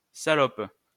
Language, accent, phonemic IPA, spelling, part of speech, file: French, France, /sa.lɔp/, salope, noun / adjective / verb, LL-Q150 (fra)-salope.wav
- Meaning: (noun) 1. slut (promiscuous woman) 2. bitch (mean woman) 3. male or female sexual partner, salacious, lustful or submissive 4. slovenly woman; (adjective) immoral, promiscuous, slutty